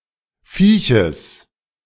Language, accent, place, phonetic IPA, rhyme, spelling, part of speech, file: German, Germany, Berlin, [ˈfiːçəs], -iːçəs, Vieches, noun, De-Vieches.ogg
- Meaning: genitive singular of Viech